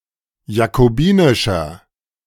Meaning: inflection of jakobinisch: 1. strong/mixed nominative masculine singular 2. strong genitive/dative feminine singular 3. strong genitive plural
- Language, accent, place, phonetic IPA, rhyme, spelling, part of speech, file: German, Germany, Berlin, [jakoˈbiːnɪʃɐ], -iːnɪʃɐ, jakobinischer, adjective, De-jakobinischer.ogg